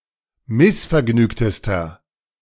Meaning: inflection of missvergnügt: 1. strong/mixed nominative masculine singular superlative degree 2. strong genitive/dative feminine singular superlative degree 3. strong genitive plural superlative degree
- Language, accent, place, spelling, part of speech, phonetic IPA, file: German, Germany, Berlin, missvergnügtester, adjective, [ˈmɪsfɛɐ̯ˌɡnyːktəstɐ], De-missvergnügtester.ogg